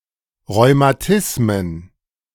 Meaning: plural of Rheumatismus
- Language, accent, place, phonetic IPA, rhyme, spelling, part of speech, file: German, Germany, Berlin, [ʁɔɪ̯maˈtɪsmən], -ɪsmən, Rheumatismen, noun, De-Rheumatismen.ogg